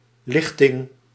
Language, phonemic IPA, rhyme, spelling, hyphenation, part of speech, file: Dutch, /ˈlɪx.tɪŋ/, -ɪxtɪŋ, lichting, lich‧ting, noun, Nl-lichting.ogg
- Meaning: generation, wave, batch (said of people, such as a class of a given year or a group of people drafted for military service in a given year)